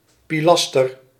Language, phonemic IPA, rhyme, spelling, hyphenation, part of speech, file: Dutch, /ˌpiˈlɑs.tər/, -ɑstər, pilaster, pi‧las‧ter, noun, Nl-pilaster.ogg
- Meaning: pilaster, rectangular half column